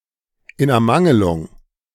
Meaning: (preposition) for lack of; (adverb) for lack
- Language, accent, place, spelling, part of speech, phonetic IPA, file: German, Germany, Berlin, in Ermangelung, preposition / adverb, [ɪn ʔɛɐ̯ˈmaŋəlʊŋ], De-in Ermangelung.ogg